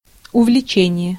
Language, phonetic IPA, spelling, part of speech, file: Russian, [ʊvlʲɪˈt͡ɕenʲɪje], увлечение, noun, Ru-увлечение.ogg
- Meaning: 1. enthusiasm, animation 2. hobby, interest 3. infatuation, flame, crush (the act of infatuating; the state of being infatuated; folly; that which infatuates)